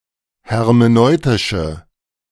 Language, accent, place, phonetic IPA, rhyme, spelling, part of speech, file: German, Germany, Berlin, [hɛʁmeˈnɔɪ̯tɪʃə], -ɔɪ̯tɪʃə, hermeneutische, adjective, De-hermeneutische.ogg
- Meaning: inflection of hermeneutisch: 1. strong/mixed nominative/accusative feminine singular 2. strong nominative/accusative plural 3. weak nominative all-gender singular